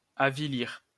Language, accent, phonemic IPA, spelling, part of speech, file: French, France, /a.vi.liʁ/, avilir, verb, LL-Q150 (fra)-avilir.wav
- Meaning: to demean, debase, degrade